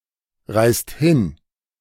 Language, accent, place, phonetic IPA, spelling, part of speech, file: German, Germany, Berlin, [ˌʁaɪ̯st ˈhɪn], reißt hin, verb, De-reißt hin.ogg
- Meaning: inflection of hinreißen: 1. second-person plural present 2. plural imperative